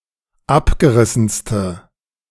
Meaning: inflection of abgerissen: 1. strong/mixed nominative/accusative feminine singular superlative degree 2. strong nominative/accusative plural superlative degree
- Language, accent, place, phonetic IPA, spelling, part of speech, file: German, Germany, Berlin, [ˈapɡəˌʁɪsn̩stə], abgerissenste, adjective, De-abgerissenste.ogg